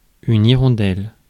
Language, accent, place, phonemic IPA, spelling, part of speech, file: French, France, Paris, /i.ʁɔ̃.dɛl/, hirondelle, noun, Fr-hirondelle.ogg
- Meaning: 1. swallow (bird) 2. alignment mark printed in the margin 3. policeman on a bicycle or motorcycle